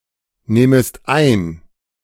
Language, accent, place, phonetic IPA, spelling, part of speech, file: German, Germany, Berlin, [ˌnɛːməst ˈaɪ̯n], nähmest ein, verb, De-nähmest ein.ogg
- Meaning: second-person singular subjunctive II of einnehmen